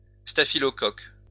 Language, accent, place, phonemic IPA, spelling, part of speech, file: French, France, Lyon, /sta.fi.lɔ.kɔk/, staphylocoque, noun, LL-Q150 (fra)-staphylocoque.wav
- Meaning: staphylococcus